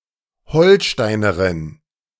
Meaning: female equivalent of Holsteiner (“inhabitant of Holstein (not the horse)”)
- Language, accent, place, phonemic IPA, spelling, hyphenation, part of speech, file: German, Germany, Berlin, /ˈhɔlˌʃtaɪ̯nəʁɪn/, Holsteinerin, Hol‧stei‧ne‧rin, noun, De-Holsteinerin.ogg